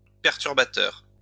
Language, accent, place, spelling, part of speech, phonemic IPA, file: French, France, Lyon, perturbateur, noun / adjective, /pɛʁ.tyʁ.ba.tœʁ/, LL-Q150 (fra)-perturbateur.wav
- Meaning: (noun) agitator, troublemaker; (adjective) disruptive